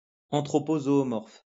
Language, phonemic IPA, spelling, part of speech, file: French, /zɔ.ɔ.mɔʁf/, zoomorphe, adjective, LL-Q150 (fra)-zoomorphe.wav
- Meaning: zoomorphic